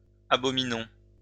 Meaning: inflection of abominer: 1. first-person plural present indicative 2. first-person plural imperative
- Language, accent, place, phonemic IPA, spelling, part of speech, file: French, France, Lyon, /a.bɔ.mi.nɔ̃/, abominons, verb, LL-Q150 (fra)-abominons.wav